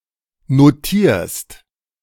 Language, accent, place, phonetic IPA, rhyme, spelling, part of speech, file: German, Germany, Berlin, [noˈtiːɐ̯st], -iːɐ̯st, notierst, verb, De-notierst.ogg
- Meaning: second-person singular present of notieren